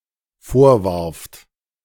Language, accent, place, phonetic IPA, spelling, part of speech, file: German, Germany, Berlin, [ˈfoːɐ̯ˌvaʁft], vorwarft, verb, De-vorwarft.ogg
- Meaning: second-person plural dependent preterite of vorwerfen